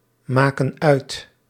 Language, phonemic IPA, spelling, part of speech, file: Dutch, /ˈmakə(n) ˈœyt/, maken uit, verb, Nl-maken uit.ogg
- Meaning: inflection of uitmaken: 1. plural present indicative 2. plural present subjunctive